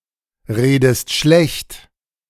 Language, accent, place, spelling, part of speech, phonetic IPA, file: German, Germany, Berlin, redest schlecht, verb, [ˌʁeːdəst ˈʃlɛçt], De-redest schlecht.ogg
- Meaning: inflection of schlechtreden: 1. second-person singular present 2. second-person singular subjunctive I